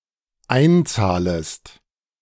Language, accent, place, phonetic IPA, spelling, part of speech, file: German, Germany, Berlin, [ˈaɪ̯nˌt͡saːləst], einzahlest, verb, De-einzahlest.ogg
- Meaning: second-person singular dependent subjunctive I of einzahlen